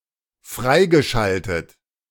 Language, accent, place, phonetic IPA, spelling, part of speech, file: German, Germany, Berlin, [ˈfʁaɪ̯ɡəˌʃaltət], freigeschaltet, verb, De-freigeschaltet.ogg
- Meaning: past participle of freischalten